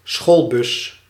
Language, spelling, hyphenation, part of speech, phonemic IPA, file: Dutch, schoolbus, school‧bus, noun, /ˈsxoːl.bʏs/, Nl-schoolbus.ogg
- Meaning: 1. school bus 2. a money box used for donating money to an education fund